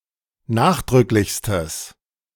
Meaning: strong/mixed nominative/accusative neuter singular superlative degree of nachdrücklich
- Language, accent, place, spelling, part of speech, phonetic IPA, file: German, Germany, Berlin, nachdrücklichstes, adjective, [ˈnaːxdʁʏklɪçstəs], De-nachdrücklichstes.ogg